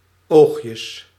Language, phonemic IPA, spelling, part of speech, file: Dutch, /ˈoxjəs/, oogjes, noun, Nl-oogjes.ogg
- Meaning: plural of oogje